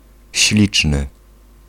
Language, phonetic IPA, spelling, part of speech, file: Polish, [ˈɕlʲit͡ʃnɨ], śliczny, adjective, Pl-śliczny.ogg